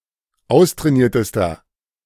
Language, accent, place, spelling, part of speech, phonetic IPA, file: German, Germany, Berlin, austrainiertester, adjective, [ˈaʊ̯stʁɛːˌniːɐ̯təstɐ], De-austrainiertester.ogg
- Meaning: inflection of austrainiert: 1. strong/mixed nominative masculine singular superlative degree 2. strong genitive/dative feminine singular superlative degree 3. strong genitive plural superlative degree